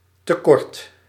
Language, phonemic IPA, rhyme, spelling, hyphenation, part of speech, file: Dutch, /təˈkɔrt/, -ɔrt, tekort, te‧kort, noun, Nl-tekort.ogg
- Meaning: shortage, deficit